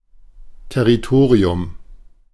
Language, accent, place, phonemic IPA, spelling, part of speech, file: German, Germany, Berlin, /tɛʁiˈtoːʁiʊm/, Territorium, noun, De-Territorium2.ogg
- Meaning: territory